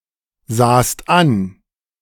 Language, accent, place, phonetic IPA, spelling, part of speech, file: German, Germany, Berlin, [ˌzaːst ˈan], sahst an, verb, De-sahst an.ogg
- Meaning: second-person singular preterite of ansehen